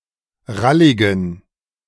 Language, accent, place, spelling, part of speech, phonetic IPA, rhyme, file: German, Germany, Berlin, ralligen, adjective, [ˈʁalɪɡn̩], -alɪɡn̩, De-ralligen.ogg
- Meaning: inflection of rallig: 1. strong genitive masculine/neuter singular 2. weak/mixed genitive/dative all-gender singular 3. strong/weak/mixed accusative masculine singular 4. strong dative plural